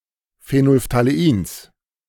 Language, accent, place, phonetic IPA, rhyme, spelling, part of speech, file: German, Germany, Berlin, [feˌnoːlftaleˈiːns], -iːns, Phenolphthaleins, noun, De-Phenolphthaleins.ogg
- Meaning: genitive singular of Phenolphthalein